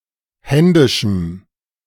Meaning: strong dative masculine/neuter singular of händisch
- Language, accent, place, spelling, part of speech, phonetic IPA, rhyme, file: German, Germany, Berlin, händischem, adjective, [ˈhɛndɪʃm̩], -ɛndɪʃm̩, De-händischem.ogg